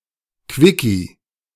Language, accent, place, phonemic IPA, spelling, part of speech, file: German, Germany, Berlin, /ˈkvɪki/, Quickie, noun, De-Quickie.ogg
- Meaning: quickie (brief sexual encounter)